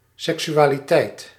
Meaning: 1. sexuality, sexual intercourse, sexual activity 2. sexuality, sexual orientation
- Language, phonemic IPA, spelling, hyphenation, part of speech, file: Dutch, /ˌsɛk.sy.aː.liˈtɛi̯t/, seksualiteit, sek‧su‧a‧li‧teit, noun, Nl-seksualiteit.ogg